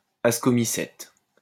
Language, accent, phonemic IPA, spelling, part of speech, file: French, France, /as.kɔ.mi.sɛt/, ascomycète, noun, LL-Q150 (fra)-ascomycète.wav
- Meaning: ascomycete